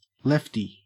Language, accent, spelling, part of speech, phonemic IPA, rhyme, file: English, Australia, lefty, noun / adjective, /ˈlɛfti/, -ɛfti, En-au-lefty.ogg
- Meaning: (noun) 1. One who is left-handed 2. One who has left-wing political views 3. One's left testicle 4. One's left hand; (adjective) 1. Left-handed 2. Intended for left-handed use 3. Left-wing